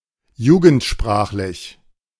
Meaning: juvenile-language
- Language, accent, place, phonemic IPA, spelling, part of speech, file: German, Germany, Berlin, /ˈjuːɡn̩tˌʃpʁaːχlɪç/, jugendsprachlich, adjective, De-jugendsprachlich.ogg